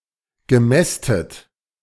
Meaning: past participle of mästen
- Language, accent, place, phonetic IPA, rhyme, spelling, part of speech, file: German, Germany, Berlin, [ɡəˈmɛstət], -ɛstət, gemästet, verb, De-gemästet.ogg